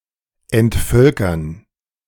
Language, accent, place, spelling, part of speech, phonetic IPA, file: German, Germany, Berlin, entvölkern, verb, [ɛntˈfœlkɐn], De-entvölkern.ogg
- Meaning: to depopulate